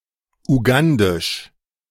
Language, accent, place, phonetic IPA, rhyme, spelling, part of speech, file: German, Germany, Berlin, [uˈɡandɪʃ], -andɪʃ, ugandisch, adjective, De-ugandisch.ogg
- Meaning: Ugandan